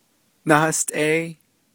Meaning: nine
- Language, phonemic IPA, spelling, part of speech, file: Navajo, /nɑ́hɑ́stʼɛ́ɪ́/, náhástʼéí, numeral, Nv-náhástʼéí.ogg